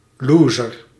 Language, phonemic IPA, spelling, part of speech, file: Dutch, /ˈlozər/, lozer, adjective / noun, Nl-lozer.ogg
- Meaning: comparative degree of loos